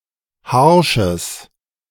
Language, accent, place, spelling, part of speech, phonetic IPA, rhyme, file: German, Germany, Berlin, harsches, adjective, [ˈhaʁʃəs], -aʁʃəs, De-harsches.ogg
- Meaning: strong/mixed nominative/accusative neuter singular of harsch